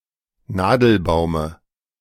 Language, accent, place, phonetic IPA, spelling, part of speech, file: German, Germany, Berlin, [ˈnaːdl̩ˌbaʊ̯mə], Nadelbaume, noun, De-Nadelbaume.ogg
- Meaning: dative of Nadelbaum